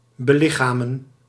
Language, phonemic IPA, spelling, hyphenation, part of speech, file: Dutch, /bəˈlɪxaːmə(n)/, belichamen, be‧li‧cha‧men, verb, Nl-belichamen.ogg
- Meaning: to embody